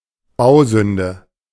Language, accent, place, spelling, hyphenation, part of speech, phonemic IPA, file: German, Germany, Berlin, Bausünde, Bau‧sün‧de, noun, /ˈbaʊ̯ˌzʏndə/, De-Bausünde.ogg
- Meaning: eyesore (unsighty building)